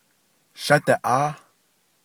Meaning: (verb) a solid roundish object (SRO) starts to be carried; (noun) south
- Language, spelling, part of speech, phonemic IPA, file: Navajo, shádiʼááh, verb / noun, /ʃɑ́tɪ̀ʔɑ́ːh/, Nv-shádiʼááh.ogg